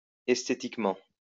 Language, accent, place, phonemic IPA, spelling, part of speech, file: French, France, Lyon, /ɛs.te.tik.mɑ̃/, æsthétiquement, adverb, LL-Q150 (fra)-æsthétiquement.wav
- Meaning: obsolete form of esthétiquement